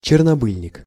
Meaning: mugwort, felon herb (Artemisia vulgaris)
- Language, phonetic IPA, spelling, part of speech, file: Russian, [t͡ɕɪrnɐˈbɨlʲnʲɪk], чернобыльник, noun, Ru-чернобыльник.ogg